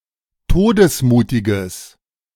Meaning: strong/mixed nominative/accusative neuter singular of todesmutig
- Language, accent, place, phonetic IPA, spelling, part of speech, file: German, Germany, Berlin, [ˈtoːdəsˌmuːtɪɡəs], todesmutiges, adjective, De-todesmutiges.ogg